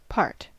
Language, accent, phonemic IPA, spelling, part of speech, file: English, US, /pɑɹt/, part, noun / verb / adjective / adverb, En-us-part.ogg
- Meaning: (noun) A portion; a component.: 1. A fraction of a whole 2. A distinct element of something larger 3. A group inside a larger group 4. Share, especially of a profit